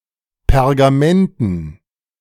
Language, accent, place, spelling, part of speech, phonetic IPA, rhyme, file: German, Germany, Berlin, Pergamenten, noun, [pɛʁɡaˈmɛntn̩], -ɛntn̩, De-Pergamenten.ogg
- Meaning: dative plural of Pergament